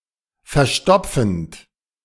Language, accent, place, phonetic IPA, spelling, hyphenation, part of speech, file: German, Germany, Berlin, [fɛɐ̯ˈʃtɔpfənt], verstopfend, ver‧sto‧pfend, verb, De-verstopfend.ogg
- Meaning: present participle of verstopfen